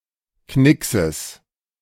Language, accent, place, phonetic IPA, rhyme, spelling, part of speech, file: German, Germany, Berlin, [ˈknɪksəs], -ɪksəs, Knickses, noun, De-Knickses.ogg
- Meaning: genitive singular of Knicks